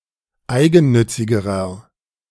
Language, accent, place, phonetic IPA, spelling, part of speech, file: German, Germany, Berlin, [ˈaɪ̯ɡn̩ˌnʏt͡sɪɡəʁɐ], eigennützigerer, adjective, De-eigennützigerer.ogg
- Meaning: inflection of eigennützig: 1. strong/mixed nominative masculine singular comparative degree 2. strong genitive/dative feminine singular comparative degree 3. strong genitive plural comparative degree